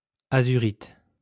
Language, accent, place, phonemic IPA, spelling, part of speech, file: French, France, Lyon, /a.zy.ʁit/, azurite, noun, LL-Q150 (fra)-azurite.wav
- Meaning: azurite